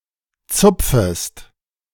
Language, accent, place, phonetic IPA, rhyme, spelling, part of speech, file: German, Germany, Berlin, [ˈt͡sʊp͡fəst], -ʊp͡fəst, zupfest, verb, De-zupfest.ogg
- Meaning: second-person singular subjunctive I of zupfen